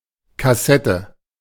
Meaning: 1. cassette 2. coffer
- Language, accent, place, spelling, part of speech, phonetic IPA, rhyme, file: German, Germany, Berlin, Kassette, noun, [kaˈsɛtə], -ɛtə, De-Kassette.ogg